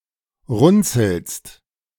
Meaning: second-person singular present of runzeln
- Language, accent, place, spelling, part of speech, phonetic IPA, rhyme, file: German, Germany, Berlin, runzelst, verb, [ˈʁʊnt͡sl̩st], -ʊnt͡sl̩st, De-runzelst.ogg